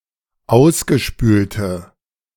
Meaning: inflection of ausgespült: 1. strong/mixed nominative/accusative feminine singular 2. strong nominative/accusative plural 3. weak nominative all-gender singular
- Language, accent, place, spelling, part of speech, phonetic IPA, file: German, Germany, Berlin, ausgespülte, adjective, [ˈaʊ̯sɡəˌʃpyːltə], De-ausgespülte.ogg